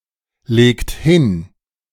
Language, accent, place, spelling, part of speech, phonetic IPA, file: German, Germany, Berlin, legt hin, verb, [ˌleːkt ˈhɪn], De-legt hin.ogg
- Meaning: inflection of hinlegen: 1. second-person plural present 2. third-person singular present 3. plural imperative